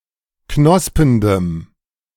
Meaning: strong dative masculine/neuter singular of knospend
- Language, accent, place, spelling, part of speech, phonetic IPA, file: German, Germany, Berlin, knospendem, adjective, [ˈknɔspəndəm], De-knospendem.ogg